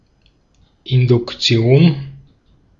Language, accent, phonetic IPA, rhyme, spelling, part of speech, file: German, Austria, [ɪndʊkˈt͡si̯oːn], -oːn, Induktion, noun, De-at-Induktion.ogg
- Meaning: 1. induction 2. inductive reasoning